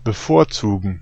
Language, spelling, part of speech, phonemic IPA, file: German, bevorzugen, verb, /ˌbəˈfoːɐ̯tsuːɡn/, De-bevorzugen.ogg
- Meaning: to favor, to prefer